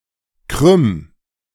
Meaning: 1. singular imperative of krümmen 2. first-person singular present of krümmen
- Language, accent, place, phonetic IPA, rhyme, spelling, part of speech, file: German, Germany, Berlin, [kʁʏm], -ʏm, krümm, verb, De-krümm.ogg